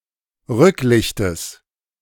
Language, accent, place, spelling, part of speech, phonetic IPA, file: German, Germany, Berlin, Rücklichtes, noun, [ˈʁʏklɪçtəs], De-Rücklichtes.ogg
- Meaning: genitive singular of Rücklicht